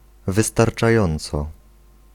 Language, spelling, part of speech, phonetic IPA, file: Polish, wystarczająco, adverb, [ˌvɨstart͡ʃaˈjɔ̃nt͡sɔ], Pl-wystarczająco.ogg